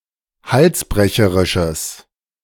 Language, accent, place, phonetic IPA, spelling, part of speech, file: German, Germany, Berlin, [ˈhalsˌbʁɛçəʁɪʃəs], halsbrecherisches, adjective, De-halsbrecherisches.ogg
- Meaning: strong/mixed nominative/accusative neuter singular of halsbrecherisch